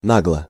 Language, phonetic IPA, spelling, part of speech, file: Russian, [ˈnaɡɫə], нагло, adverb / adjective, Ru-нагло.ogg
- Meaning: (adverb) impertinently, impudently; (adjective) short neuter singular of на́глый (náglyj)